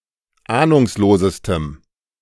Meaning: strong dative masculine/neuter singular superlative degree of ahnungslos
- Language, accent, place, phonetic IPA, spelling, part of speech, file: German, Germany, Berlin, [ˈaːnʊŋsloːzəstəm], ahnungslosestem, adjective, De-ahnungslosestem.ogg